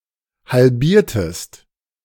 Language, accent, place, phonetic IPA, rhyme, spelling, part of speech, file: German, Germany, Berlin, [halˈbiːɐ̯təst], -iːɐ̯təst, halbiertest, verb, De-halbiertest.ogg
- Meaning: inflection of halbieren: 1. second-person singular preterite 2. second-person singular subjunctive II